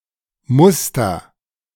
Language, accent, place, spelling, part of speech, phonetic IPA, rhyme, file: German, Germany, Berlin, muster, verb, [ˈmʊstɐ], -ʊstɐ, De-muster.ogg
- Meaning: singular imperative of mustern